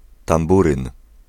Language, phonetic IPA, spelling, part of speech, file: Polish, [tãmˈburɨ̃n], tamburyn, noun, Pl-tamburyn.ogg